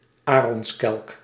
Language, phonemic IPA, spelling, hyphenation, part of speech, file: Dutch, /ˈaː.rɔnsˌkɛlk/, aronskelk, arons‧kelk, noun, Nl-aronskelk.ogg
- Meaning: 1. arum, plant of the genus Arum 2. arum lily, plant of the family Araceae